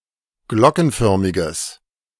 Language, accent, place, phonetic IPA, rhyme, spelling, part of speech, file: German, Germany, Berlin, [ˈɡlɔkn̩ˌfœʁmɪɡəs], -ɔkn̩fœʁmɪɡəs, glockenförmiges, adjective, De-glockenförmiges.ogg
- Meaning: strong/mixed nominative/accusative neuter singular of glockenförmig